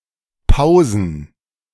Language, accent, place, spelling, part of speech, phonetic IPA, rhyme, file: German, Germany, Berlin, pausen, verb, [ˈpaʊ̯zn̩], -aʊ̯zn̩, De-pausen.ogg
- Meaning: to trace, to copy